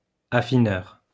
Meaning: 1. One who refines; refiner 2. One who ages cheese and purveys it
- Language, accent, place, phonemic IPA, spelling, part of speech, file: French, France, Lyon, /a.fi.nœʁ/, affineur, noun, LL-Q150 (fra)-affineur.wav